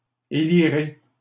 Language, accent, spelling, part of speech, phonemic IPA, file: French, Canada, élirai, verb, /e.li.ʁe/, LL-Q150 (fra)-élirai.wav
- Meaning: first-person singular future of élire